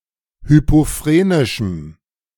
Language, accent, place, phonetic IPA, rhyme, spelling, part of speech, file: German, Germany, Berlin, [ˌhypoˈfʁeːnɪʃm̩], -eːnɪʃm̩, hypophrenischem, adjective, De-hypophrenischem.ogg
- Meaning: strong dative masculine/neuter singular of hypophrenisch